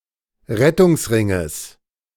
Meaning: genitive singular of Rettungsring
- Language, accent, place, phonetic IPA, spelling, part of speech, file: German, Germany, Berlin, [ˈʁɛtʊŋsˌʁɪŋəs], Rettungsringes, noun, De-Rettungsringes.ogg